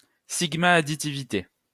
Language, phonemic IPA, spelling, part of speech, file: French, /a.di.ti.vi.te/, additivité, noun, LL-Q150 (fra)-additivité.wav
- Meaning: additivity